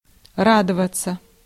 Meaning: 1. to rejoice, to be glad, to be happy 2. passive of ра́довать (rádovatʹ)
- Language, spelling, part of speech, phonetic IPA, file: Russian, радоваться, verb, [ˈradəvət͡sə], Ru-радоваться.ogg